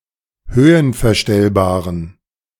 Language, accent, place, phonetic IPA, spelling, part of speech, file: German, Germany, Berlin, [ˈhøːənfɛɐ̯ˌʃtɛlbaːʁən], höhenverstellbaren, adjective, De-höhenverstellbaren.ogg
- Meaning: inflection of höhenverstellbar: 1. strong genitive masculine/neuter singular 2. weak/mixed genitive/dative all-gender singular 3. strong/weak/mixed accusative masculine singular